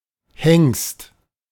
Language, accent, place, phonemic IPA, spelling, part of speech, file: German, Germany, Berlin, /hɛŋst/, Hengst, noun, De-Hengst.ogg
- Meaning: 1. stallion (male horse) 2. stallion, stud (virile and sexually potent man)